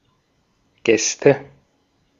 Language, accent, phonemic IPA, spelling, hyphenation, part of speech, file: German, Austria, /ˈɡɛstə/, Gäste, Gäs‧te, noun, De-at-Gäste.ogg
- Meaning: nominative/accusative/genitive plural of Gast